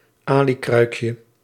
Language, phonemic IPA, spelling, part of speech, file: Dutch, /ˈalikrœykjə/, alikruikje, noun, Nl-alikruikje.ogg
- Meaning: diminutive of alikruik